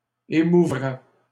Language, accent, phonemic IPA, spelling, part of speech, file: French, Canada, /e.mu.vʁɛ/, émouvrais, verb, LL-Q150 (fra)-émouvrais.wav
- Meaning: first/second-person singular conditional of émouvoir